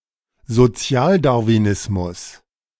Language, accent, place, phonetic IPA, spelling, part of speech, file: German, Germany, Berlin, [zoˈt͡si̯aːldaʁviˌnɪsmʊs], Sozialdarwinismus, noun, De-Sozialdarwinismus.ogg
- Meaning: social Darwinism (theory)